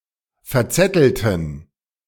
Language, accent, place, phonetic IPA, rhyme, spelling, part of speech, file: German, Germany, Berlin, [fɛɐ̯ˈt͡sɛtl̩tn̩], -ɛtl̩tn̩, verzettelten, verb, De-verzettelten.ogg
- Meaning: inflection of verzetteln: 1. first/third-person plural preterite 2. first/third-person plural subjunctive II